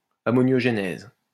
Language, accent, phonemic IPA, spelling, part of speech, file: French, France, /a.mɔ.njɔʒ.nɛz/, ammoniogenèse, noun, LL-Q150 (fra)-ammoniogenèse.wav
- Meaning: ammoniagenesis